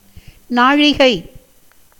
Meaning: 1. measure of time consisting of 60 விநாடி (vināṭi) = 24 minutes 2. the 26th nakshatra
- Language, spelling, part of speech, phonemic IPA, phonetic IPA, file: Tamil, நாழிகை, noun, /nɑːɻɪɡɐɪ̯/, [näːɻɪɡɐɪ̯], Ta-நாழிகை.ogg